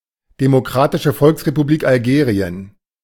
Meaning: People's Democratic Republic of Algeria (official name of Algeria: a country in North Africa)
- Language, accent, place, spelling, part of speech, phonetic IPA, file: German, Germany, Berlin, Demokratische Volksrepublik Algerien, proper noun, [demoˈkʁaːtɪʃə ˈfɔlksʁepuˌbliːk alˈɡeːʁi̯ən], De-Demokratische Volksrepublik Algerien.ogg